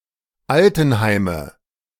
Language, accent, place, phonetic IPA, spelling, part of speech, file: German, Germany, Berlin, [ˈaltn̩ˌhaɪ̯mə], Altenheime, noun, De-Altenheime.ogg
- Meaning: nominative/accusative/genitive plural of Altenheim